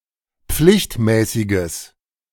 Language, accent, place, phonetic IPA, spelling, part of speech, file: German, Germany, Berlin, [ˈp͡flɪçtˌmɛːsɪɡəs], pflichtmäßiges, adjective, De-pflichtmäßiges.ogg
- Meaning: strong/mixed nominative/accusative neuter singular of pflichtmäßig